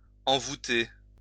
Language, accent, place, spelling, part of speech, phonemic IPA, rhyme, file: French, France, Lyon, envoûter, verb, /ɑ̃.vu.te/, -e, LL-Q150 (fra)-envoûter.wav
- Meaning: 1. to cast a spell, bewitch, charm, hex 2. to fascinate, captivate, entrance